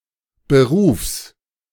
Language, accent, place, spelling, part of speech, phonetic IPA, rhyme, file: German, Germany, Berlin, Berufs, noun, [bəˈʁuːfs], -uːfs, De-Berufs.ogg
- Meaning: genitive singular of Beruf